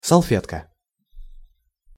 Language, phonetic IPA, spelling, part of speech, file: Russian, [sɐɫˈfʲetkə], салфетка, noun, Ru-салфетка.ogg
- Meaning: 1. napkin, serviette 2. doily 3. wipe